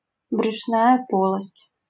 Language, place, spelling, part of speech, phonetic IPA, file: Russian, Saint Petersburg, брюшная полость, noun, [brʲʊʂˈnajə ˈpoɫəsʲtʲ], LL-Q7737 (rus)-брюшная полость.wav
- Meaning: abdominal cavity